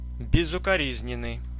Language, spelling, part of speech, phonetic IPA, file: Russian, безукоризненный, adjective, [bʲɪzʊkɐˈrʲizʲnʲɪn(ː)ɨj], Ru-безукоризненный.ogg
- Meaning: perfect, impeccable, irreproachable, flawless